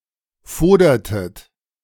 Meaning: inflection of fodern: 1. second-person plural preterite 2. second-person plural subjunctive II
- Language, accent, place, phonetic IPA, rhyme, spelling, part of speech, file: German, Germany, Berlin, [ˈfoːdɐtət], -oːdɐtət, fodertet, verb, De-fodertet.ogg